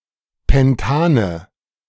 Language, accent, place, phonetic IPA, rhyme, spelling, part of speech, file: German, Germany, Berlin, [ˌpɛnˈtaːnə], -aːnə, Pentane, noun, De-Pentane.ogg
- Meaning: nominative/accusative/genitive plural of Pentan